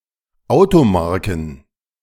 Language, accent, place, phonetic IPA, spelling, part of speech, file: German, Germany, Berlin, [ˈaʊ̯toˌmaʁkn̩], Automarken, noun, De-Automarken.ogg
- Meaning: plural of Automarke